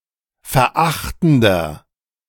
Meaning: inflection of verachtend: 1. strong/mixed nominative masculine singular 2. strong genitive/dative feminine singular 3. strong genitive plural
- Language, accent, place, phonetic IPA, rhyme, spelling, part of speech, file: German, Germany, Berlin, [fɛɐ̯ˈʔaxtn̩dɐ], -axtn̩dɐ, verachtender, adjective, De-verachtender.ogg